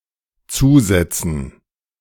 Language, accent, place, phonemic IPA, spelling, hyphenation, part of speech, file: German, Germany, Berlin, /ˈtsuːˌzɛtsən/, zusetzen, zu‧set‧zen, verb, De-zusetzen.ogg
- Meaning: 1. to add 2. to give or expend something from one’s reserves 3. to become clogged 4. to badger, to afflict (with words or physically) 5. alternative form of dazusetzen